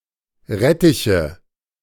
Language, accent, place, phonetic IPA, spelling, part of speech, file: German, Germany, Berlin, [ˈʁɛtɪçə], Rettiche, noun, De-Rettiche.ogg
- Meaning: nominative/accusative/genitive plural of Rettich